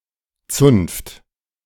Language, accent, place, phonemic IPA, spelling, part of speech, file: German, Germany, Berlin, /tsʊnft/, Zunft, noun, De-Zunft.ogg
- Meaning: 1. guild, especially of craftsmen 2. all of those who practice some craft or (humorous) any profession